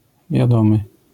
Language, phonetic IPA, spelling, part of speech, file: Polish, [vʲjaˈdɔ̃mɨ], wiadomy, adjective, LL-Q809 (pol)-wiadomy.wav